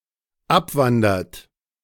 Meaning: inflection of abwandern: 1. third-person singular dependent present 2. second-person plural dependent present
- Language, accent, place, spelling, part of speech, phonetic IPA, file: German, Germany, Berlin, abwandert, verb, [ˈapˌvandɐt], De-abwandert.ogg